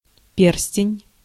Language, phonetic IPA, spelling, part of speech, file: Russian, [ˈpʲers⁽ʲ⁾tʲɪnʲ], перстень, noun, Ru-перстень.ogg
- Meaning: 1. ring 2. seal ring, signet ring